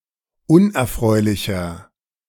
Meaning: 1. comparative degree of unerfreulich 2. inflection of unerfreulich: strong/mixed nominative masculine singular 3. inflection of unerfreulich: strong genitive/dative feminine singular
- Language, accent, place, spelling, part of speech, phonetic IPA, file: German, Germany, Berlin, unerfreulicher, adjective, [ˈʊnʔɛɐ̯ˌfʁɔɪ̯lɪçɐ], De-unerfreulicher.ogg